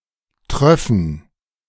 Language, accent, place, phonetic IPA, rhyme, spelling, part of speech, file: German, Germany, Berlin, [ˈtʁœfn̩], -œfn̩, tröffen, verb, De-tröffen.ogg
- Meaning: first-person plural subjunctive II of triefen